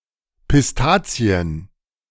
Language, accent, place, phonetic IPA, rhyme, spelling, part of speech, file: German, Germany, Berlin, [pɪsˈtaːt͡si̯ən], -aːt͡si̯ən, Pistazien, noun, De-Pistazien.ogg
- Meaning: plural of Pistazie